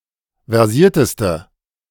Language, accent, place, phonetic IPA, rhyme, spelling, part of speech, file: German, Germany, Berlin, [vɛʁˈziːɐ̯təstə], -iːɐ̯təstə, versierteste, adjective, De-versierteste.ogg
- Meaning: inflection of versiert: 1. strong/mixed nominative/accusative feminine singular superlative degree 2. strong nominative/accusative plural superlative degree